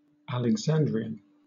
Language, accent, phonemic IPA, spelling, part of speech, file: English, Southern England, /æl.ɛɡˈzæn.dɹiː.ən/, Alexandrian, adjective / noun, LL-Q1860 (eng)-Alexandrian.wav
- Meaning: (adjective) Of or pertaining to Alexandria in Egypt; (noun) 1. A native or inhabitant of Alexandria 2. A practitioner of Alexandrian Wicca